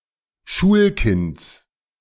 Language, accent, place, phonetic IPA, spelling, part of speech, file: German, Germany, Berlin, [ˈʃuːlˌkɪnt͡s], Schulkinds, noun, De-Schulkinds.ogg
- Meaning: genitive of Schulkind